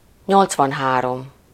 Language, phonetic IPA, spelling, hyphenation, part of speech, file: Hungarian, [ˈɲolt͡svɒnɦaːrom], nyolcvanhárom, nyolc‧van‧há‧rom, numeral, Hu-nyolcvanhárom.ogg
- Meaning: eighty-three